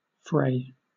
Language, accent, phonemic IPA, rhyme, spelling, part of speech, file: English, Southern England, /fɹeɪ/, -eɪ, fray, verb / noun, LL-Q1860 (eng)-fray.wav